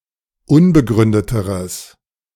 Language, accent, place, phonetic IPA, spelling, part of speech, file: German, Germany, Berlin, [ˈʊnbəˌɡʁʏndətəʁəs], unbegründeteres, adjective, De-unbegründeteres.ogg
- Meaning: strong/mixed nominative/accusative neuter singular comparative degree of unbegründet